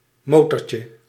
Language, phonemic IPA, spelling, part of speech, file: Dutch, /ˈmotɔrcə/, motortje, noun, Nl-motortje.ogg
- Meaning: diminutive of motor